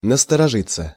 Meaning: 1. to prick up one's ears, to pay attention to 2. passive of насторожи́ть (nastorožítʹ)
- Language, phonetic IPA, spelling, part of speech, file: Russian, [nəstərɐˈʐɨt͡sːə], насторожиться, verb, Ru-насторожиться.ogg